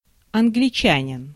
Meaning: Englishman, English people
- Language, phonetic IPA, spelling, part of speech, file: Russian, [ɐnɡlʲɪˈt͡ɕænʲɪn], англичанин, noun, Ru-англичанин.ogg